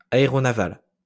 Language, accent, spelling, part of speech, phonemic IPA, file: French, France, aéronaval, adjective, /a.e.ʁɔ.na.val/, LL-Q150 (fra)-aéronaval.wav
- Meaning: aeronaval